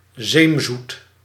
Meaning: 1. cloyingly sweet 2. overly nice or friendly (seemingly insincere)
- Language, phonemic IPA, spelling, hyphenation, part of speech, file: Dutch, /zeːmˈzut/, zeemzoet, zeem‧zoet, adjective, Nl-zeemzoet.ogg